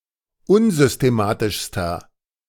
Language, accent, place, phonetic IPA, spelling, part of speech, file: German, Germany, Berlin, [ˈʊnzʏsteˌmaːtɪʃstɐ], unsystematischster, adjective, De-unsystematischster.ogg
- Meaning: inflection of unsystematisch: 1. strong/mixed nominative masculine singular superlative degree 2. strong genitive/dative feminine singular superlative degree